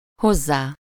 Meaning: 1. to him/her/it 2. With a verb, noun or phrase that requires -hoz/-hez/-höz case suffix
- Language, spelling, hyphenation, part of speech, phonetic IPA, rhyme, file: Hungarian, hozzá, hoz‧zá, pronoun, [ˈhozːaː], -zaː, Hu-hozzá.ogg